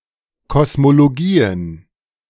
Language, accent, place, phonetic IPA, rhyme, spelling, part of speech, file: German, Germany, Berlin, [kɔsmoloˈɡiːən], -iːən, Kosmologien, noun, De-Kosmologien.ogg
- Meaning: plural of Kosmologie